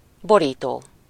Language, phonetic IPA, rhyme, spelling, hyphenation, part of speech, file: Hungarian, [ˈboriːtoː], -toː, borító, bo‧rí‧tó, verb / noun, Hu-borító.ogg
- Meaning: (verb) present participle of borít; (noun) cover (front and back of a book or a magazine; album sleeve)